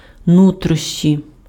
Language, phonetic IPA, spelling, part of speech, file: Ukrainian, [ˈnutrɔʃt͡ʃʲi], нутрощі, noun, Uk-нутрощі.ogg
- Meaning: viscera, entrails, intestines, guts